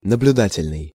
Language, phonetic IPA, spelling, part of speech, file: Russian, [nəblʲʊˈdatʲɪlʲnɨj], наблюдательный, adjective, Ru-наблюдательный.ogg
- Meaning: 1. observation, observational 2. observant 3. supervision, supervisory